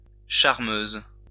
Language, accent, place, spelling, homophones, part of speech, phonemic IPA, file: French, France, Lyon, charmeuse, charmeuses, noun / adjective, /ʃaʁ.møz/, LL-Q150 (fra)-charmeuse.wav
- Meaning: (noun) female equivalent of charmeur; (adjective) feminine singular of charmeur